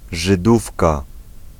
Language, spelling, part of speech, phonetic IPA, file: Polish, Żydówka, noun, [ʒɨˈdufka], Pl-Żydówka.ogg